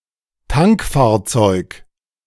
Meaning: tanker
- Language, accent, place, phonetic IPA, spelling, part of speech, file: German, Germany, Berlin, [ˈtaŋkfaːɐ̯ˌt͡sɔɪ̯k], Tankfahrzeug, noun, De-Tankfahrzeug.ogg